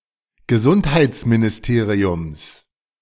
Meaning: genitive of Gesundheitsministerium
- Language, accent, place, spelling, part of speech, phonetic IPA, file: German, Germany, Berlin, Gesundheitsministeriums, noun, [ɡəˈzʊnthaɪ̯t͡sminɪsˌteːʁiʊms], De-Gesundheitsministeriums.ogg